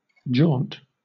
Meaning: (noun) 1. A wearisome journey 2. A short excursion for pleasure or refreshment; a ramble; a short journey; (verb) To ramble here and there; to stroll; to make an excursion
- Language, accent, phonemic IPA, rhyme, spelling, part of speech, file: English, Southern England, /d͡ʒɔːnt/, -ɔːnt, jaunt, noun / verb, LL-Q1860 (eng)-jaunt.wav